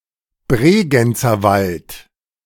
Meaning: Bregenz Forest (a region in the state of Vorarlberg, Austria)
- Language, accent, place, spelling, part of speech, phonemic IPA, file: German, Germany, Berlin, Bregenzerwald, proper noun, /ˈbʁeːɡɛnt͡sɐˌvalt/, De-Bregenzerwald.ogg